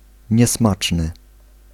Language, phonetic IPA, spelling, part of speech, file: Polish, [ɲɛˈsmat͡ʃnɨ], niesmaczny, adjective, Pl-niesmaczny.ogg